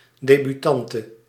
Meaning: a debutante, a woman who debuts
- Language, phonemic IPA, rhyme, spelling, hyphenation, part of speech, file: Dutch, /ˌdeː.byˈtɑn.tə/, -ɑntə, debutante, de‧bu‧tan‧te, noun, Nl-debutante.ogg